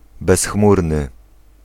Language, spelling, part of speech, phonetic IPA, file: Polish, bezchmurny, adjective, [bɛsˈxmurnɨ], Pl-bezchmurny.ogg